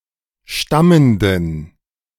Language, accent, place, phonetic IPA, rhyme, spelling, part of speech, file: German, Germany, Berlin, [ˈʃtaməndn̩], -aməndn̩, stammenden, adjective, De-stammenden.ogg
- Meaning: inflection of stammend: 1. strong genitive masculine/neuter singular 2. weak/mixed genitive/dative all-gender singular 3. strong/weak/mixed accusative masculine singular 4. strong dative plural